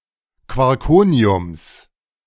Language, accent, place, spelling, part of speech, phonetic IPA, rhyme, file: German, Germany, Berlin, Quarkoniums, noun, [kvɔʁˈkoːni̯ʊms], -oːni̯ʊms, De-Quarkoniums.ogg
- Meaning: genitive singular of Quarkonium